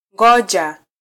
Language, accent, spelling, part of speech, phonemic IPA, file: Swahili, Kenya, ngoja, verb, /ˈᵑɡɔ.ʄɑ/, Sw-ke-ngoja.flac
- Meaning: 1. to wait, wait for, await 2. to stop 3. to stay